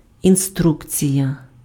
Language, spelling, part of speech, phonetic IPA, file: Ukrainian, інструкція, noun, [inˈstrukt͡sʲijɐ], Uk-інструкція.ogg
- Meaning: 1. instruction, directive 2. manual, instruction manual, user manual